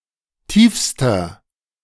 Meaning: inflection of tief: 1. strong/mixed nominative masculine singular superlative degree 2. strong genitive/dative feminine singular superlative degree 3. strong genitive plural superlative degree
- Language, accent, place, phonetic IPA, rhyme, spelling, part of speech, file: German, Germany, Berlin, [ˈtiːfstɐ], -iːfstɐ, tiefster, adjective, De-tiefster.ogg